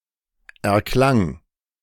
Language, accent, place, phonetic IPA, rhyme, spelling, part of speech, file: German, Germany, Berlin, [ɛɐ̯ˈklaŋ], -aŋ, erklang, verb, De-erklang.ogg
- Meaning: first/third-person singular preterite of erklingen